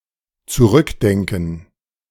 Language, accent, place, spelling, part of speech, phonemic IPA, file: German, Germany, Berlin, zurückdenken, verb, /t͡suˈʁʏkˌdɛŋkn̩/, De-zurückdenken.ogg
- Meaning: to think back, to remember